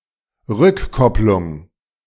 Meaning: feedback
- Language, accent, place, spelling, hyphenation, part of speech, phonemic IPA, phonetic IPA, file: German, Germany, Berlin, Rückkopplung, Rück‧kop‧plung, noun, /ˈʁʏkˌkɔplʊŋ/, [ˈʁykʰɔplʊŋ], De-Rückkopplung.ogg